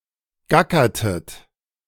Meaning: inflection of gackern: 1. second-person plural preterite 2. second-person plural subjunctive II
- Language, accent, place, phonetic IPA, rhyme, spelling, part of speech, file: German, Germany, Berlin, [ˈɡakɐtət], -akɐtət, gackertet, verb, De-gackertet.ogg